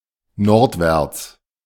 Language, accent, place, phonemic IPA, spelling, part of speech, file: German, Germany, Berlin, /ˈnɔʁtvɛʁts/, nordwärts, adverb, De-nordwärts.ogg
- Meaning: northward, northwards (towards the north)